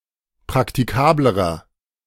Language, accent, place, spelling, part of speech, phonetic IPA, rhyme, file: German, Germany, Berlin, praktikablerer, adjective, [pʁaktiˈkaːbləʁɐ], -aːbləʁɐ, De-praktikablerer.ogg
- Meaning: inflection of praktikabel: 1. strong/mixed nominative masculine singular comparative degree 2. strong genitive/dative feminine singular comparative degree 3. strong genitive plural comparative degree